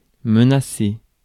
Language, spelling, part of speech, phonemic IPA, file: French, menacer, verb, /mə.na.se/, Fr-menacer.ogg
- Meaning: 1. to threaten 2. to endanger, to jeopardise